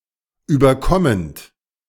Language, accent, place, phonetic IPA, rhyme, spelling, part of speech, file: German, Germany, Berlin, [ˌyːbɐˈkɔmənt], -ɔmənt, überkommend, verb, De-überkommend.ogg
- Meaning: present participle of überkommen